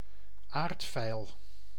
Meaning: synonym of hondsdraf (“tunhoof, ground ivy”)
- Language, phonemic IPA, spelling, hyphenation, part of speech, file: Dutch, /ˈaːrt.fɛi̯l/, aardveil, aard‧veil, noun, Nl-aardveil.ogg